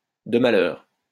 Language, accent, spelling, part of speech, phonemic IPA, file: French, France, de malheur, adjective, /də ma.lœʁ/, LL-Q150 (fra)-de malheur.wav
- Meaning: pesky, damn, bloody